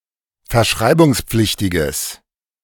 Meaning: strong/mixed nominative/accusative neuter singular of verschreibungspflichtig
- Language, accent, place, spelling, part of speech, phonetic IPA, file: German, Germany, Berlin, verschreibungspflichtiges, adjective, [fɛɐ̯ˈʃʁaɪ̯bʊŋsˌp͡flɪçtɪɡəs], De-verschreibungspflichtiges.ogg